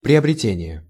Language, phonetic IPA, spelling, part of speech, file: Russian, [prʲɪəbrʲɪˈtʲenʲɪje], приобретение, noun, Ru-приобретение.ogg
- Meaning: acquisition, gain, acquiring (act of gaining)